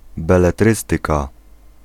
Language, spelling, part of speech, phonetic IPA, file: Polish, beletrystyka, noun, [ˌbɛlɛˈtrɨstɨka], Pl-beletrystyka.ogg